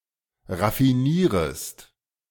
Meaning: second-person singular subjunctive I of raffinieren
- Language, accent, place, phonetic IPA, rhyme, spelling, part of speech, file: German, Germany, Berlin, [ʁafiˈniːʁəst], -iːʁəst, raffinierest, verb, De-raffinierest.ogg